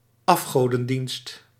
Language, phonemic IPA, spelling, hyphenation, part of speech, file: Dutch, /ˈɑf.xoː.də(n)ˌdinst/, afgodendienst, af‧go‧den‧dienst, noun, Nl-afgodendienst.ogg
- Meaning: idolatry